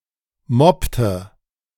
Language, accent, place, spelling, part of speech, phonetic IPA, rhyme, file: German, Germany, Berlin, moppte, verb, [ˈmɔptə], -ɔptə, De-moppte.ogg
- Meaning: inflection of moppen: 1. first/third-person singular preterite 2. first/third-person singular subjunctive II